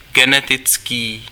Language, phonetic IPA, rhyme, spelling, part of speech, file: Czech, [ˈɡɛnɛtɪt͡skiː], -ɪtskiː, genetický, adjective, Cs-genetický.ogg
- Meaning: genetic